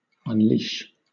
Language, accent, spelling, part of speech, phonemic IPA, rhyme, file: English, Southern England, unleash, verb, /ʌnˈliʃ/, -iːʃ, LL-Q1860 (eng)-unleash.wav
- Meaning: 1. To free from a leash, or as from a leash 2. To let go; to release 3. To precipitate; to bring about